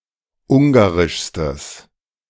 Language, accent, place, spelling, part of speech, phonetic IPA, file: German, Germany, Berlin, ungarischstes, adjective, [ˈʊŋɡaʁɪʃstəs], De-ungarischstes.ogg
- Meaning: strong/mixed nominative/accusative neuter singular superlative degree of ungarisch